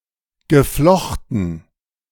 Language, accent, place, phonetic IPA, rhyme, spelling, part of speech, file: German, Germany, Berlin, [ɡəˈflɔxtn̩], -ɔxtn̩, geflochten, verb, De-geflochten.ogg
- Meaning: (verb) past participle of flechten; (adjective) braided